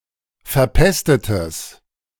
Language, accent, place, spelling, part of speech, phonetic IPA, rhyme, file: German, Germany, Berlin, verpestetes, adjective, [fɛɐ̯ˈpɛstətəs], -ɛstətəs, De-verpestetes.ogg
- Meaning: strong/mixed nominative/accusative neuter singular of verpestet